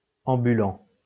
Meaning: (adjective) walking, strolling; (verb) present participle of ambuler
- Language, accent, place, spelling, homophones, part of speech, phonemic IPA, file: French, France, Lyon, ambulant, ambulants, adjective / verb, /ɑ̃.by.lɑ̃/, LL-Q150 (fra)-ambulant.wav